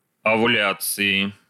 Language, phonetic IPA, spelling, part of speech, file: Russian, [ɐvʊˈlʲat͡sɨɪ], овуляции, noun, Ru-овуляции.ogg
- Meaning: inflection of овуля́ция (ovuljácija): 1. genitive/dative/prepositional singular 2. nominative/accusative plural